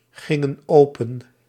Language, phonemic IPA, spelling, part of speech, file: Dutch, /ˈɣɪŋə(n) ˈopə(n)/, gingen open, verb, Nl-gingen open.ogg
- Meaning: inflection of opengaan: 1. plural past indicative 2. plural past subjunctive